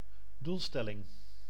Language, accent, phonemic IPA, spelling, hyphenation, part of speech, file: Dutch, Netherlands, /ˈdulˌstɛ.lɪŋ/, doelstelling, doel‧stel‧ling, noun, Nl-doelstelling.ogg
- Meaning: objective, goal, aim